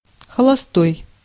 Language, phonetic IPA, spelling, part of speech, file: Russian, [xəɫɐˈstoj], холостой, adjective / noun, Ru-холостой.ogg
- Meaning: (adjective) 1. single (not married) 2. idle (not working) 3. idle, free-running 4. blank; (noun) 1. unmarried person, single person, bachelor 2. blank (bullet)